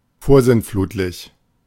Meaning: 1. antediluvian; archaic; very old or old-fashioned 2. antediluvian; referring to the time before the Deluge
- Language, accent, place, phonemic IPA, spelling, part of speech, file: German, Germany, Berlin, /ˈfoːrsɪntˌfluːtlɪç/, vorsintflutlich, adjective, De-vorsintflutlich.ogg